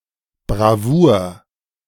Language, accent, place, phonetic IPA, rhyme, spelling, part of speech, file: German, Germany, Berlin, [bʁaˈvuːɐ̯], -uːɐ̯, Bravour, noun, De-Bravour.ogg
- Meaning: 1. bravery 2. brilliance